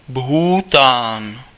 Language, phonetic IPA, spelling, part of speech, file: Czech, [ˈbɦuːtaːn], Bhútán, proper noun, Cs-Bhútán.ogg
- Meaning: Bhutan (a country in South Asia, in the Himalayas)